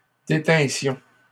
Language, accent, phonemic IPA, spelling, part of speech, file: French, Canada, /de.tɛ̃.sjɔ̃/, détinssions, verb, LL-Q150 (fra)-détinssions.wav
- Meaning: first-person plural imperfect subjunctive of détenir